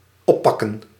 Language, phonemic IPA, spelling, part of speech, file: Dutch, /ˈɔpɑkə(n)/, oppakken, verb, Nl-oppakken.ogg
- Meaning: 1. to pick up 2. to take up, to take into consideration, to do something with 3. to arrest (take into police custody)